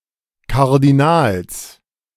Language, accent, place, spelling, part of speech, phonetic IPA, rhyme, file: German, Germany, Berlin, Kardinals, noun, [ˌkaʁdiˈnaːls], -aːls, De-Kardinals.ogg
- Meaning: genitive singular of Kardinal